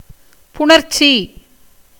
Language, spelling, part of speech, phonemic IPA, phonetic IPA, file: Tamil, புணர்ச்சி, noun, /pʊɳɐɾtʃtʃiː/, [pʊɳɐɾssiː], Ta-புணர்ச்சி.ogg
- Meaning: 1. combination, association, union 2. coition, intercourse 3. sandhi; the morphing of letters when combining two words